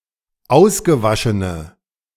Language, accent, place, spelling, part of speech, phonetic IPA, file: German, Germany, Berlin, ausgewaschene, adjective, [ˈaʊ̯sɡəˌvaʃənə], De-ausgewaschene.ogg
- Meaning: inflection of ausgewaschen: 1. strong/mixed nominative/accusative feminine singular 2. strong nominative/accusative plural 3. weak nominative all-gender singular